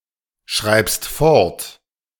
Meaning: second-person singular present of fortschreiben
- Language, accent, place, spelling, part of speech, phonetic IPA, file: German, Germany, Berlin, schreibst fort, verb, [ˌʃʁaɪ̯pst ˈfɔʁt], De-schreibst fort.ogg